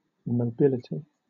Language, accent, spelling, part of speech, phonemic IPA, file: English, Southern England, mobility, noun, /mə(ʊ)ˈbɪlɪti/, LL-Q1860 (eng)-mobility.wav
- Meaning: 1. The ability to move; capacity for movement 2. A tendency to sudden change; mutability, changeableness 3. The ability of a military unit to move or be transported to a new position